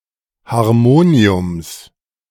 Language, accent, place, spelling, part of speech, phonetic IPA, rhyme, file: German, Germany, Berlin, Harmoniums, noun, [haʁˈmoːni̯ʊms], -oːni̯ʊms, De-Harmoniums.ogg
- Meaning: genitive of Harmonium